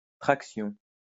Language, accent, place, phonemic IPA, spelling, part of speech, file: French, France, Lyon, /tʁak.sjɔ̃/, traction, noun, LL-Q150 (fra)-traction.wav
- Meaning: 1. traction 2. pull-up